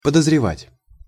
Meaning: to suspect
- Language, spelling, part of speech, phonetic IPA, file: Russian, подозревать, verb, [pədəzrʲɪˈvatʲ], Ru-подозревать.ogg